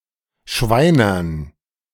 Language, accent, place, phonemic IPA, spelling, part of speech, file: German, Germany, Berlin, /ˈʃvaɪ̯nɐn/, schweinern, adjective, De-schweinern.ogg
- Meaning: pork